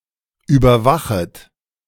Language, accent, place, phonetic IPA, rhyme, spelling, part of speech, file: German, Germany, Berlin, [ˌyːbɐˈvaxət], -axət, überwachet, verb, De-überwachet.ogg
- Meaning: second-person plural subjunctive I of überwachen